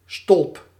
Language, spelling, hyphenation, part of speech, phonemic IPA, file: Dutch, stolp, stolp, noun, /stɔlp/, Nl-stolp.ogg
- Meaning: 1. cover 2. bell jar